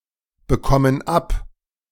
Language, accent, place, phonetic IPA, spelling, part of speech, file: German, Germany, Berlin, [bəˌkɔmən ˈap], bekommen ab, verb, De-bekommen ab.ogg
- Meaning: inflection of abbekommen: 1. first/third-person plural present 2. first/third-person plural subjunctive I